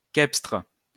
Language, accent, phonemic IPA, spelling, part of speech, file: French, France, /kɛpstʁ/, cepstre, noun, LL-Q150 (fra)-cepstre.wav
- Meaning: cepstrum